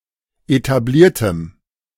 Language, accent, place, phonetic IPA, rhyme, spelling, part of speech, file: German, Germany, Berlin, [etaˈbliːɐ̯təm], -iːɐ̯təm, etabliertem, adjective, De-etabliertem.ogg
- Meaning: strong dative masculine/neuter singular of etabliert